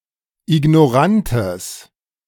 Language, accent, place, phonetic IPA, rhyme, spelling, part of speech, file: German, Germany, Berlin, [ɪɡnɔˈʁantəs], -antəs, ignorantes, adjective, De-ignorantes.ogg
- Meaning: strong/mixed nominative/accusative neuter singular of ignorant